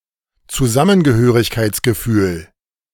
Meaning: belonging, solidarity
- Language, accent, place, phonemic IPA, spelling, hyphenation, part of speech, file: German, Germany, Berlin, /t͡suˈzamənɡəhøːʁɪçkaɪ̯t͡sɡəˌfyːl/, Zusammengehörigkeitsgefühl, Zu‧sam‧men‧ge‧hö‧rig‧keits‧ge‧fühl, noun, De-Zusammengehörigkeitsgefühl.ogg